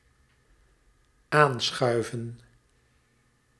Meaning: 1. to shove closer (a chair to a table in order to eat for example); to shove into the proper position, to shove into alignment 2. to sit down at a table, to join in at a table
- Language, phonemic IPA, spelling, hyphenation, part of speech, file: Dutch, /ˈaːnˌsxœy̯və(n)/, aanschuiven, aan‧schui‧ven, verb, Nl-aanschuiven.ogg